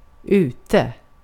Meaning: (adverb) 1. outside, outdoors 2. at a distance, out 3. on the right track; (adjective) out of fashion, passé, now uncool
- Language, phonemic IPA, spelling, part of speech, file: Swedish, /²ʉːtɛ/, ute, adverb / adjective, Sv-ute.ogg